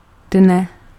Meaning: genitive/vocative singular of den
- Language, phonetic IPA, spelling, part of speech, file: Czech, [ˈdnɛ], dne, noun, Cs-dne.ogg